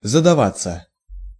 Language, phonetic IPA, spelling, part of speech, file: Russian, [zədɐˈvat͡sːə], задаваться, verb, Ru-задаваться.ogg
- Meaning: 1. to set oneself 2. of period, time to have 3. to succeed, to be a success 4. to give oneself airs, to put on airs 5. passive of задава́ть (zadavátʹ)